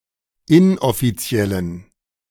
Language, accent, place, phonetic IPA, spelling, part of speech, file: German, Germany, Berlin, [ˈɪnʔɔfiˌt͡si̯ɛlən], inoffiziellen, adjective, De-inoffiziellen.ogg
- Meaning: inflection of inoffiziell: 1. strong genitive masculine/neuter singular 2. weak/mixed genitive/dative all-gender singular 3. strong/weak/mixed accusative masculine singular 4. strong dative plural